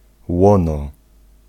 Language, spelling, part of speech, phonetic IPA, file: Polish, łono, noun, [ˈwɔ̃nɔ], Pl-łono.ogg